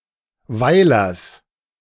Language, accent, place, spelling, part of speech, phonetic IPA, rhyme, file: German, Germany, Berlin, Weilers, noun, [ˈvaɪ̯lɐs], -aɪ̯lɐs, De-Weilers.ogg
- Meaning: genitive singular of Weiler